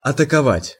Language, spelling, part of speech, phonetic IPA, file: Russian, атаковать, verb, [ɐtəkɐˈvatʲ], Ru-атаковать.ogg
- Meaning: to attack, to charge, to assault